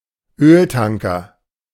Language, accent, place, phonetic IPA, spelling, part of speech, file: German, Germany, Berlin, [ˈøːlˌtaŋkɐ], Öltanker, noun, De-Öltanker.ogg
- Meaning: an oil tanker, a ship designed to transport crude oil